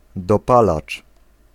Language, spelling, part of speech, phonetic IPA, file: Polish, dopalacz, noun, [dɔˈpalat͡ʃ], Pl-dopalacz.ogg